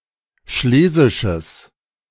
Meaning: strong/mixed nominative/accusative neuter singular of schlesisch
- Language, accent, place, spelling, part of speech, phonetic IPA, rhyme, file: German, Germany, Berlin, schlesisches, adjective, [ˈʃleːzɪʃəs], -eːzɪʃəs, De-schlesisches.ogg